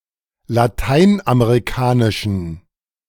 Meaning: inflection of lateinamerikanisch: 1. strong genitive masculine/neuter singular 2. weak/mixed genitive/dative all-gender singular 3. strong/weak/mixed accusative masculine singular
- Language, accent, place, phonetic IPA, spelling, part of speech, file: German, Germany, Berlin, [laˈtaɪ̯nʔameʁiˌkaːnɪʃn̩], lateinamerikanischen, adjective, De-lateinamerikanischen.ogg